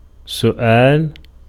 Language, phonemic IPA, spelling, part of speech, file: Arabic, /su.ʔaːl/, سؤال, noun, Ar-سؤال.ogg
- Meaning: 1. verbal noun of سَأَلَ (saʔala) (form I) 2. question 3. request